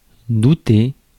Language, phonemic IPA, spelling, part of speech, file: French, /du.te/, douter, verb, Fr-douter.ogg
- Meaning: 1. to doubt 2. to suspect, to have an inkling